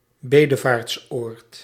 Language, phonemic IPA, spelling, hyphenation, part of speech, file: Dutch, /ˈbeː.də.vaːrtsˌoːrt/, bedevaartsoord, be‧de‧vaarts‧oord, noun, Nl-bedevaartsoord.ogg
- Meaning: place of pilgrimage